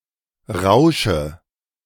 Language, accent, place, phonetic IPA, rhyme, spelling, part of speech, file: German, Germany, Berlin, [ˈʁaʊ̯ʃə], -aʊ̯ʃə, rausche, verb, De-rausche.ogg
- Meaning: inflection of rauschen: 1. first-person singular present 2. singular imperative 3. first/third-person singular subjunctive I